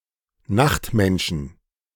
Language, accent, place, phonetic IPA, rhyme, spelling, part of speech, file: German, Germany, Berlin, [ˈnaxtˌmɛnʃn̩], -axtmɛnʃn̩, Nachtmenschen, noun, De-Nachtmenschen.ogg
- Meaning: 1. genitive singular of Nachtmensch 2. plural of Nachtmensch